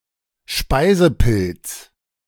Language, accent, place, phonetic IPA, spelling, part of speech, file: German, Germany, Berlin, [ˈʃpaɪ̯zəˌpɪlt͡s], Speisepilz, noun, De-Speisepilz.ogg
- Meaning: edible mushroom; esculent